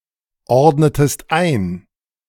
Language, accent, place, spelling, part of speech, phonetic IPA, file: German, Germany, Berlin, ordnetest ein, verb, [ˌɔʁdnətəst ˈaɪ̯n], De-ordnetest ein.ogg
- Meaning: inflection of einordnen: 1. second-person singular preterite 2. second-person singular subjunctive II